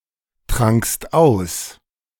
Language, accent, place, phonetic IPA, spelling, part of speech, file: German, Germany, Berlin, [ˌtʁaŋkst ˈaʊ̯s], trankst aus, verb, De-trankst aus.ogg
- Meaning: second-person singular preterite of austrinken